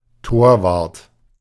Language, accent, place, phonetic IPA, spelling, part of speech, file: German, Germany, Berlin, [ˈtoːɐ̯ˌvaʁt], Torwart, noun, De-Torwart.ogg
- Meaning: goalkeeper, goal keeper